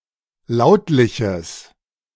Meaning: strong/mixed nominative/accusative neuter singular of lautlich
- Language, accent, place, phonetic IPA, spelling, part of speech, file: German, Germany, Berlin, [ˈlaʊ̯tlɪçəs], lautliches, adjective, De-lautliches.ogg